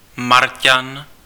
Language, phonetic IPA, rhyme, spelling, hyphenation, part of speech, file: Czech, [ˈmarcan], -arcan, Marťan, Mar‧ťan, noun, Cs-Marťan.ogg
- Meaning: Martian